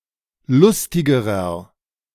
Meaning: inflection of lustig: 1. strong/mixed nominative masculine singular comparative degree 2. strong genitive/dative feminine singular comparative degree 3. strong genitive plural comparative degree
- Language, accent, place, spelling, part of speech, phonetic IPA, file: German, Germany, Berlin, lustigerer, adjective, [ˈlʊstɪɡəʁɐ], De-lustigerer.ogg